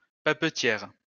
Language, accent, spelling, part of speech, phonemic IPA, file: French, France, papetière, adjective, /pa.pə.tjɛʁ/, LL-Q150 (fra)-papetière.wav
- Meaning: feminine singular of papetier